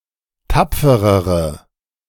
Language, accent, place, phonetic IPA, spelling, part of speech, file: German, Germany, Berlin, [ˈtap͡fəʁəʁə], tapferere, adjective, De-tapferere.ogg
- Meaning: inflection of tapfer: 1. strong/mixed nominative/accusative feminine singular comparative degree 2. strong nominative/accusative plural comparative degree